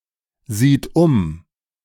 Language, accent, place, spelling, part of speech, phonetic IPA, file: German, Germany, Berlin, sieht um, verb, [ˌziːt ˈʊm], De-sieht um.ogg
- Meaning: third-person singular present of umsehen